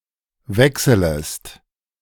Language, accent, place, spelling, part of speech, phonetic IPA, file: German, Germany, Berlin, wechselest, verb, [ˈvɛksələst], De-wechselest.ogg
- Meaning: second-person singular subjunctive I of wechseln